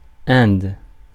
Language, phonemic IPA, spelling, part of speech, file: French, /ɛ̃d/, Inde, proper noun, Fr-Inde.ogg
- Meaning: India (a country in South Asia)